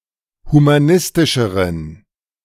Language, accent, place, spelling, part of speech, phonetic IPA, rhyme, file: German, Germany, Berlin, humanistischeren, adjective, [humaˈnɪstɪʃəʁən], -ɪstɪʃəʁən, De-humanistischeren.ogg
- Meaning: inflection of humanistisch: 1. strong genitive masculine/neuter singular comparative degree 2. weak/mixed genitive/dative all-gender singular comparative degree